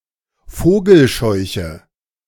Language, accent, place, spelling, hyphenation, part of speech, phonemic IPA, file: German, Germany, Berlin, Vogelscheuche, Vo‧gel‧scheu‧che, noun, /ˈfoːɡəlˌʃɔɪ̯çə/, De-Vogelscheuche.ogg
- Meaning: scarecrow